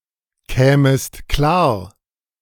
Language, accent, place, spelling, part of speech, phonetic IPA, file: German, Germany, Berlin, kämest klar, verb, [ˌkɛːməst ˈklaːɐ̯], De-kämest klar.ogg
- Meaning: second-person singular subjunctive II of klarkommen